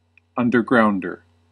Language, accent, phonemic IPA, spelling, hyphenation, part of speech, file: English, US, /ˌʌn.dɚˈɡɹaʊn.dɚ/, undergrounder, un‧der‧ground‧er, noun, En-us-undergrounder.ogg
- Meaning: 1. An underground publication or movie 2. A person who dwells underground 3. One who is part of a secret or underground society or subculture